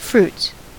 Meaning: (noun) plural of fruit; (verb) third-person singular simple present indicative of fruit
- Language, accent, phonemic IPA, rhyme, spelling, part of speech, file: English, US, /fɹuːts/, -uːts, fruits, noun / verb, En-us-fruits.ogg